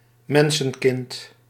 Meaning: 1. human child 2. a human person
- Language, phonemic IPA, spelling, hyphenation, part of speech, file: Dutch, /ˈmɛn.sə(n)ˌkɪnt/, mensenkind, men‧sen‧kind, noun, Nl-mensenkind.ogg